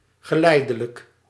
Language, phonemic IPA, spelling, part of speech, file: Dutch, /ɣəˈlɛɪdələk/, geleidelijk, adjective, Nl-geleidelijk.ogg
- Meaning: gradual